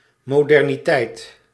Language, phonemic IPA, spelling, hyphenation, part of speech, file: Dutch, /moːˌdɛr.niˈtɛi̯t/, moderniteit, mo‧der‧ni‧teit, noun, Nl-moderniteit.ogg
- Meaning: modernity